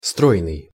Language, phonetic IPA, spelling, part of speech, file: Russian, [ˈstrojnɨj], стройный, adjective, Ru-стройный.ogg
- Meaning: 1. slender, slim, svelte 2. well-composed, harmonious, orderly 3. harmonious (of sounds)